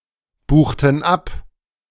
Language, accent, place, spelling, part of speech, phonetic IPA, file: German, Germany, Berlin, buchten ab, verb, [ˌbuːxtn̩ ˈap], De-buchten ab.ogg
- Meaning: inflection of abbuchen: 1. first/third-person plural preterite 2. first/third-person plural subjunctive II